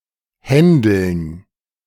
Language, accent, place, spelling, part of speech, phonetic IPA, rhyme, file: German, Germany, Berlin, Händeln, noun, [ˈhɛndl̩n], -ɛndl̩n, De-Händeln.ogg
- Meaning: dative plural of Handel